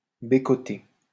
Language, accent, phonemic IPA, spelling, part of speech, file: French, France, /be.kɔ.te/, bécoter, verb, LL-Q150 (fra)-bécoter.wav
- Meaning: to kiss; besmooch